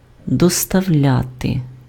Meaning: to deliver
- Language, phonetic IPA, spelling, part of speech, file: Ukrainian, [dɔstɐu̯ˈlʲate], доставляти, verb, Uk-доставляти.ogg